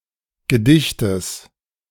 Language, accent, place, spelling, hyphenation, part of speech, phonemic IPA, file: German, Germany, Berlin, Gedichtes, Ge‧dich‧tes, noun, /ɡəˈdɪçtəs/, De-Gedichtes.ogg
- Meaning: genitive singular of Gedicht